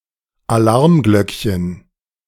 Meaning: diminutive of Alarmglocke (“alarm bell”)
- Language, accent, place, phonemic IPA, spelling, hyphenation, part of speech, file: German, Germany, Berlin, /aˈlaʁmˌɡlœkçən/, Alarmglöckchen, Alarm‧glöck‧chen, noun, De-Alarmglöckchen.ogg